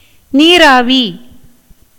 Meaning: steam, vapour
- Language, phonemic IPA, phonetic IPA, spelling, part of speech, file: Tamil, /niːɾɑːʋiː/, [niːɾäːʋiː], நீராவி, noun, Ta-நீராவி.ogg